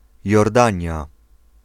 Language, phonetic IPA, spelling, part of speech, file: Polish, [jɔrˈdãɲa], Jordania, proper noun, Pl-Jordania.ogg